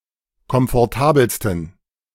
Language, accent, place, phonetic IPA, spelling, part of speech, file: German, Germany, Berlin, [kɔmfɔʁˈtaːbl̩stn̩], komfortabelsten, adjective, De-komfortabelsten.ogg
- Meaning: 1. superlative degree of komfortabel 2. inflection of komfortabel: strong genitive masculine/neuter singular superlative degree